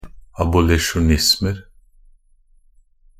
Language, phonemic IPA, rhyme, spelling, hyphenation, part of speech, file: Norwegian Bokmål, /abʊlɪʃʊˈnɪsmər/, -ər, abolisjonismer, a‧bo‧li‧sjo‧nis‧mer, noun, Nb-abolisjonismer.ogg
- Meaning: indefinite plural of abolisjonisme